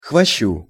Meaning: dative singular of хвощ (xvošč)
- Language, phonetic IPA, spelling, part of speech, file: Russian, [xvɐˈɕːu], хвощу, noun, Ru-хвощу.ogg